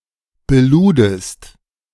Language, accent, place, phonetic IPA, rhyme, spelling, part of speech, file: German, Germany, Berlin, [bəˈluːdəst], -uːdəst, beludest, verb, De-beludest.ogg
- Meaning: second-person singular preterite of beladen